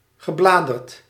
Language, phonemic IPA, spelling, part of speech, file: Dutch, /ɣəˈbladərt/, gebladerd, adjective / verb, Nl-gebladerd.ogg
- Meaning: past participle of bladeren